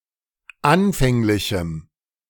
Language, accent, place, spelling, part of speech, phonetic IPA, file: German, Germany, Berlin, anfänglichem, adjective, [ˈanfɛŋlɪçm̩], De-anfänglichem.ogg
- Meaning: strong dative masculine/neuter singular of anfänglich